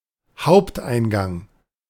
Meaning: main entrance of a building
- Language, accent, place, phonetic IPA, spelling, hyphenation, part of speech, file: German, Germany, Berlin, [ˈhaʊ̯ptʔaɪ̯nˌɡaŋ], Haupteingang, Haupt‧ein‧gang, noun, De-Haupteingang.ogg